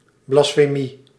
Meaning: blasphemy
- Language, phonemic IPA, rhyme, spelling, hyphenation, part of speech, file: Dutch, /ˌblɑs.feːˈmi/, -i, blasfemie, blas‧fe‧mie, noun, Nl-blasfemie.ogg